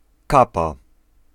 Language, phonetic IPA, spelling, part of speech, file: Polish, [ˈkapa], kapa, noun, Pl-kapa.ogg